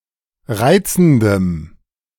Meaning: strong dative masculine/neuter singular of reizend
- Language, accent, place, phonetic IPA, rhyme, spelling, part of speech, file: German, Germany, Berlin, [ˈʁaɪ̯t͡sn̩dəm], -aɪ̯t͡sn̩dəm, reizendem, adjective, De-reizendem.ogg